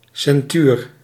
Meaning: ceinture, narrow belt
- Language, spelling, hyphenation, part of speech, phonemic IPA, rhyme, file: Dutch, ceintuur, cein‧tuur, noun, /sɛnˈtyːr/, -yːr, Nl-ceintuur.ogg